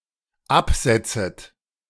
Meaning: second-person plural dependent subjunctive I of absetzen
- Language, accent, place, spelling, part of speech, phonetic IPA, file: German, Germany, Berlin, absetzet, verb, [ˈapˌz̥ɛt͡sət], De-absetzet.ogg